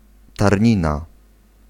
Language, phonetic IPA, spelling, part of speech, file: Polish, [tarʲˈɲĩna], tarnina, noun, Pl-tarnina.ogg